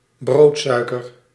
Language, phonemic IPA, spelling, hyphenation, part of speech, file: Dutch, /ˈbroːtˌsœy̯.kər/, broodsuiker, brood‧sui‧ker, noun, Nl-broodsuiker.ogg
- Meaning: white sugar (white refined sugar)